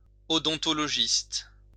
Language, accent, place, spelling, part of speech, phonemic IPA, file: French, France, Lyon, odontologiste, noun, /ɔ.dɔ̃.tɔ.lɔ.ʒist/, LL-Q150 (fra)-odontologiste.wav
- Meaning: odontologist